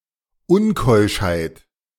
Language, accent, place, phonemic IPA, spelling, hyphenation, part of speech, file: German, Germany, Berlin, /ˈʊnˌkɔɪ̯ʃhaɪ̯t/, Unkeuschheit, Un‧keusch‧heit, noun, De-Unkeuschheit.ogg
- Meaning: unchastity